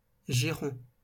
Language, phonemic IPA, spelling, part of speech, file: French, /ʒi.ʁɔ̃/, giron, noun, LL-Q150 (fra)-giron.wav
- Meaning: 1. lap (of a person) 2. bosom, fold 3. gyron 4. tread, run (of a step)